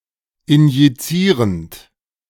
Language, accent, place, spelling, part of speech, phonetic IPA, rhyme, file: German, Germany, Berlin, injizierend, verb, [ɪnjiˈt͡siːʁənt], -iːʁənt, De-injizierend.ogg
- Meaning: present participle of injizieren